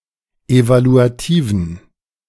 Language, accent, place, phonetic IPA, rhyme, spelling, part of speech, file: German, Germany, Berlin, [ˌevaluaˈtiːvn̩], -iːvn̩, evaluativen, adjective, De-evaluativen.ogg
- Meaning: inflection of evaluativ: 1. strong genitive masculine/neuter singular 2. weak/mixed genitive/dative all-gender singular 3. strong/weak/mixed accusative masculine singular 4. strong dative plural